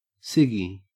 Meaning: A cigarette
- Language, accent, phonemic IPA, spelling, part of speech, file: English, Australia, /ˈsɪɡi/, ciggy, noun, En-au-ciggy.ogg